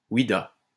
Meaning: yes indeed; in truth, assuredly
- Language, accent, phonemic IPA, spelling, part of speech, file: French, France, /wi.da/, oui-da, interjection, LL-Q150 (fra)-oui-da.wav